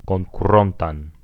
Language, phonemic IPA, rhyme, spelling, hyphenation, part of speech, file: Esperanto, /kon.kuˈron.tan/, -ontan, konkurontan, kon‧ku‧ron‧tan, adjective, Eo-konkurontan.ogg
- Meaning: accusative singular future active participle of konkuri